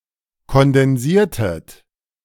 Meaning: inflection of kondensieren: 1. second-person plural preterite 2. second-person plural subjunctive II
- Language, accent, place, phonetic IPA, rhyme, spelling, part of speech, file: German, Germany, Berlin, [kɔndɛnˈziːɐ̯tət], -iːɐ̯tət, kondensiertet, verb, De-kondensiertet.ogg